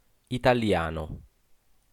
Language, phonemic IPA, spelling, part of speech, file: Italian, /itaˈljano/, italiano, adjective / noun, It-italiano.ogg